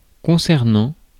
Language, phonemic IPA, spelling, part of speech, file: French, /kɔ̃.sɛʁ.nɑ̃/, concernant, preposition / verb, Fr-concernant.ogg
- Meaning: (preposition) concerning, regarding; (verb) present participle of concerner